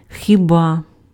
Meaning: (particle) 1. perhaps, maybe 2. really?, is it possible?, indeed; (conjunction) unless
- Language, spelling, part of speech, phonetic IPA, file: Ukrainian, хіба, particle / conjunction, [xʲiˈba], Uk-хіба.ogg